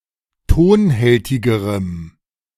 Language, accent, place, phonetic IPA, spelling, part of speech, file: German, Germany, Berlin, [ˈtoːnˌhɛltɪɡəʁəm], tonhältigerem, adjective, De-tonhältigerem.ogg
- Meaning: strong dative masculine/neuter singular comparative degree of tonhältig